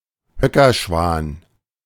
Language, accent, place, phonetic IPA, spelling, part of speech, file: German, Germany, Berlin, [ˈhœkɐˌʃvaːn], Höckerschwan, noun, De-Höckerschwan.ogg
- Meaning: mute swan (Cygnus olor)